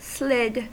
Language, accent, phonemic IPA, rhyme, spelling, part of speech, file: English, US, /slɪd/, -ɪd, slid, verb, En-us-slid.ogg
- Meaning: simple past and past participle of slide